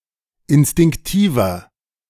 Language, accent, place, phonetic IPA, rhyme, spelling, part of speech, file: German, Germany, Berlin, [ɪnstɪŋkˈtiːvɐ], -iːvɐ, instinktiver, adjective, De-instinktiver.ogg
- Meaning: 1. comparative degree of instinktiv 2. inflection of instinktiv: strong/mixed nominative masculine singular 3. inflection of instinktiv: strong genitive/dative feminine singular